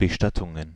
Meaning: plural of Bestattung
- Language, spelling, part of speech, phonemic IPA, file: German, Bestattungen, noun, /bəˈʃtatʊŋən/, De-Bestattungen.ogg